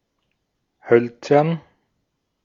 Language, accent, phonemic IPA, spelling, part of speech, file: German, Austria, /ˈhœlt͡sɐn/, hölzern, adjective, De-at-hölzern.ogg
- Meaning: 1. wooden, ligneous 2. awkward